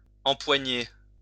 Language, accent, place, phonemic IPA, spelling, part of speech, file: French, France, Lyon, /ɑ̃.pwa.ɲe/, empoigner, verb, LL-Q150 (fra)-empoigner.wav
- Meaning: to grab; grasp (to make a sudden grasping or clutching motion (at something))